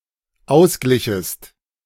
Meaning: second-person singular dependent subjunctive II of ausgleichen
- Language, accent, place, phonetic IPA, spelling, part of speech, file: German, Germany, Berlin, [ˈaʊ̯sˌɡlɪçəst], ausglichest, verb, De-ausglichest.ogg